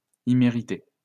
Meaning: undeserved
- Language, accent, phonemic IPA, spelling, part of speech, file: French, France, /i.me.ʁi.te/, immérité, adjective, LL-Q150 (fra)-immérité.wav